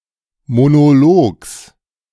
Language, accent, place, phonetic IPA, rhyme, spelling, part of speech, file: German, Germany, Berlin, [monoˈloːks], -oːks, Monologs, noun, De-Monologs.ogg
- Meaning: genitive singular of Monolog